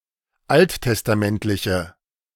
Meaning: inflection of alttestamentlich: 1. strong/mixed nominative/accusative feminine singular 2. strong nominative/accusative plural 3. weak nominative all-gender singular
- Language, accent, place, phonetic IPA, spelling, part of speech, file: German, Germany, Berlin, [ˈalttɛstaˌmɛntlɪçə], alttestamentliche, adjective, De-alttestamentliche.ogg